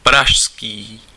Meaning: Prague
- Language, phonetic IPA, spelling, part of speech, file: Czech, [ˈpraʃskiː], pražský, adjective, Cs-pražský.ogg